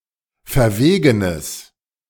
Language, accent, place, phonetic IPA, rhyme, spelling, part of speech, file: German, Germany, Berlin, [fɛɐ̯ˈveːɡənəs], -eːɡənəs, verwegenes, adjective, De-verwegenes.ogg
- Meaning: strong/mixed nominative/accusative neuter singular of verwegen